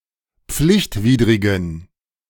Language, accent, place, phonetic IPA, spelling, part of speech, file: German, Germany, Berlin, [ˈp͡flɪçtˌviːdʁɪɡn̩], pflichtwidrigen, adjective, De-pflichtwidrigen.ogg
- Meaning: inflection of pflichtwidrig: 1. strong genitive masculine/neuter singular 2. weak/mixed genitive/dative all-gender singular 3. strong/weak/mixed accusative masculine singular 4. strong dative plural